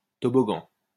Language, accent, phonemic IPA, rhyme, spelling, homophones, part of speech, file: French, France, /tɔ.bɔ.ɡɑ̃/, -ɑ̃, toboggan, toboggans, noun, LL-Q150 (fra)-toboggan.wav
- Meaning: slide (in a playground)